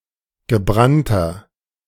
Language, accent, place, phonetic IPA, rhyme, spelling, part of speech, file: German, Germany, Berlin, [ɡəˈbʁantɐ], -antɐ, gebrannter, adjective, De-gebrannter.ogg
- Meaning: inflection of gebrannt: 1. strong/mixed nominative masculine singular 2. strong genitive/dative feminine singular 3. strong genitive plural